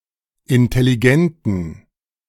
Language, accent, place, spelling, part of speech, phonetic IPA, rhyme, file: German, Germany, Berlin, intelligenten, adjective, [ɪntɛliˈɡɛntn̩], -ɛntn̩, De-intelligenten.ogg
- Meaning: inflection of intelligent: 1. strong genitive masculine/neuter singular 2. weak/mixed genitive/dative all-gender singular 3. strong/weak/mixed accusative masculine singular 4. strong dative plural